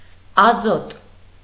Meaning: nitrogen
- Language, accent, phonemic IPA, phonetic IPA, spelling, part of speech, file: Armenian, Eastern Armenian, /ɑˈzot/, [ɑzót], ազոտ, noun, Hy-ազոտ.ogg